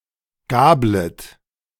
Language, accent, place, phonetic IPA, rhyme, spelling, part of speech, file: German, Germany, Berlin, [ˈɡaːblət], -aːblət, gablet, verb, De-gablet.ogg
- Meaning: second-person plural subjunctive I of gabeln